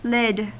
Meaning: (noun) 1. The top or cover of a container 2. A cap or hat 3. One ounce of cannabis 4. A bodyboard or bodyboarder 5. An operculum or other lid-like cover 6. A motorcyclist's crash helmet
- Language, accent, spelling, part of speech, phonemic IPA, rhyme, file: English, US, lid, noun / verb, /lɪd/, -ɪd, En-us-lid.ogg